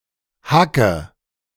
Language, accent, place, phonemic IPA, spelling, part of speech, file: German, Germany, Berlin, /ˈhakə/, hacke, adjective / verb, De-hacke.ogg
- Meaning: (adjective) ellipsis of hackedicht (“extremely drunk”); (verb) inflection of hacken: 1. first-person singular present 2. first/third-person singular subjunctive I 3. singular imperative